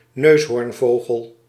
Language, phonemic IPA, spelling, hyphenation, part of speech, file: Dutch, /ˈnøːs.ɦoːrnˌvoː.ɣəl/, neushoornvogel, neus‧hoorn‧vo‧gel, noun, Nl-neushoornvogel.ogg
- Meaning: hornbill, bird of the family Bucerotidae